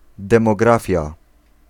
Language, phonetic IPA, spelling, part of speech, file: Polish, [ˌdɛ̃mɔˈɡrafʲja], demografia, noun, Pl-demografia.ogg